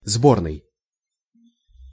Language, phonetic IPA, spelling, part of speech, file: Russian, [ˈzbornɨj], сборный, adjective, Ru-сборный.ogg
- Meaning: 1. collapsible 2. assembly 3. collection 4. combined 5. assembly, rallying